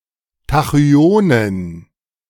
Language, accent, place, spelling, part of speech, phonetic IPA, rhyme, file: German, Germany, Berlin, Tachyonen, noun, [taxyˈoːnən], -oːnən, De-Tachyonen.ogg
- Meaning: plural of Tachyon